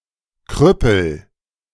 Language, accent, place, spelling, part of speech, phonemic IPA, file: German, Germany, Berlin, Krüppel, noun, /ˈkʁʏpəl/, De-Krüppel.ogg
- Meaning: cripple